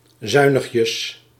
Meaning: diminutive of zuinig: 1. not leniently, strictly, uncharitably, soberly 2. economically, meagrely
- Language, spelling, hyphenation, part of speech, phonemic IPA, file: Dutch, zuinigjes, zui‧nig‧jes, adverb, /ˈzœy̯.nəx.jəs/, Nl-zuinigjes.ogg